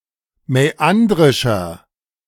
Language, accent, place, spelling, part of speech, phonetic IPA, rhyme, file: German, Germany, Berlin, mäandrischer, adjective, [mɛˈandʁɪʃɐ], -andʁɪʃɐ, De-mäandrischer.ogg
- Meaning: inflection of mäandrisch: 1. strong/mixed nominative masculine singular 2. strong genitive/dative feminine singular 3. strong genitive plural